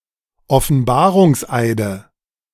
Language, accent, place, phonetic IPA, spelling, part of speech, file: German, Germany, Berlin, [ɔfn̩ˈbaːʁʊŋsˌʔaɪ̯də], Offenbarungseide, noun, De-Offenbarungseide.ogg
- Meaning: 1. nominative/accusative/genitive plural of Offenbarungseid 2. dative singular of Offenbarungseid